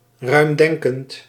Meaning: open-minded
- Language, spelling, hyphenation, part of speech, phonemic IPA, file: Dutch, ruimdenkend, ruim‧den‧kend, adjective, /ˌrœy̯mˈdɛŋ.kənt/, Nl-ruimdenkend.ogg